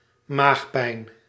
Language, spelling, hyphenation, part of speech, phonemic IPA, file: Dutch, maagpijn, maag‧pijn, noun, /ˈmaxpɛin/, Nl-maagpijn.ogg
- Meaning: stomachache